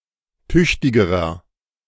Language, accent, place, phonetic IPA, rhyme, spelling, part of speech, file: German, Germany, Berlin, [ˈtʏçtɪɡəʁɐ], -ʏçtɪɡəʁɐ, tüchtigerer, adjective, De-tüchtigerer.ogg
- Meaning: inflection of tüchtig: 1. strong/mixed nominative masculine singular comparative degree 2. strong genitive/dative feminine singular comparative degree 3. strong genitive plural comparative degree